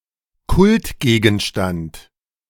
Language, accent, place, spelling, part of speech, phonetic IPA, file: German, Germany, Berlin, Kultgegenstand, noun, [ˈkʊltˌɡeːɡn̩ʃtant], De-Kultgegenstand.ogg
- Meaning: cult object